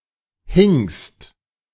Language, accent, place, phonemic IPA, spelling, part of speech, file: German, Germany, Berlin, /hɪŋst/, hingst, verb, De-hingst.ogg
- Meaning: second-person singular preterite of hängen